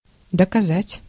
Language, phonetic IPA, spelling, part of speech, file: Russian, [dəkɐˈzatʲ], доказать, verb, Ru-доказать.ogg
- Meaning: to prove, to demonstrate